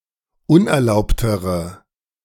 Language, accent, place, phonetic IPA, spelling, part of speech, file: German, Germany, Berlin, [ˈʊnʔɛɐ̯ˌlaʊ̯ptəʁə], unerlaubtere, adjective, De-unerlaubtere.ogg
- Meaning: inflection of unerlaubt: 1. strong/mixed nominative/accusative feminine singular comparative degree 2. strong nominative/accusative plural comparative degree